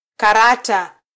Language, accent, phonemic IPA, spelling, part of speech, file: Swahili, Kenya, /kɑˈɾɑ.tɑ/, karata, noun, Sw-ke-karata.flac
- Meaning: playing card